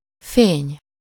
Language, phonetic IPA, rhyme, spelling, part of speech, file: Hungarian, [ˈfeːɲ], -eːɲ, fény, noun, Hu-fény.ogg
- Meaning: 1. light (visible electromagnetic radiation) 2. shine, gloss, glitter, polish 3. light, aspect, point of view (from which a concept, person or thing is regarded) 4. splendor, luster, fulgor, pomp